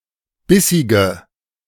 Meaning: inflection of bissig: 1. strong/mixed nominative/accusative feminine singular 2. strong nominative/accusative plural 3. weak nominative all-gender singular 4. weak accusative feminine/neuter singular
- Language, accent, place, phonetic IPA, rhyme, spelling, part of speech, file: German, Germany, Berlin, [ˈbɪsɪɡə], -ɪsɪɡə, bissige, adjective, De-bissige.ogg